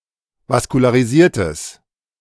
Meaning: strong/mixed nominative/accusative neuter singular of vaskularisiert
- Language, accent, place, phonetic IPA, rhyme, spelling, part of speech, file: German, Germany, Berlin, [vaskulaːʁiˈziːɐ̯təs], -iːɐ̯təs, vaskularisiertes, adjective, De-vaskularisiertes.ogg